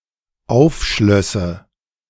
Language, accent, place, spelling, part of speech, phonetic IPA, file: German, Germany, Berlin, aufschlösse, verb, [ˈaʊ̯fˌʃlœsə], De-aufschlösse.ogg
- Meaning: first/third-person singular dependent subjunctive II of aufschließen